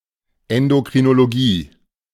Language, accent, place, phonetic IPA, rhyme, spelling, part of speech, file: German, Germany, Berlin, [ɛndokʁinoloˈɡiː], -iː, Endokrinologie, noun, De-Endokrinologie.ogg
- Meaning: endocrinology